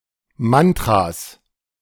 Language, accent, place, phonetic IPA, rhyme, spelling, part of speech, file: German, Germany, Berlin, [ˈmantʁas], -antʁas, Mantras, noun, De-Mantras.ogg
- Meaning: 1. genitive singular of Mantra 2. plural of Mantra